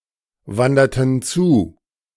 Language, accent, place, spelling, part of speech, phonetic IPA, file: German, Germany, Berlin, wanderten zu, verb, [ˌvandɐtn̩ ˈt͡suː], De-wanderten zu.ogg
- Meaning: inflection of zuwandern: 1. first/third-person plural preterite 2. first/third-person plural subjunctive II